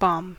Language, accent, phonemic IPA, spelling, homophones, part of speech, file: English, US, /bɑm/, bomb, BOM, noun / verb / adjective, En-us-bomb.ogg
- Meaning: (noun) An explosive device used or intended as a weapon, especially, one dropped from an aircraft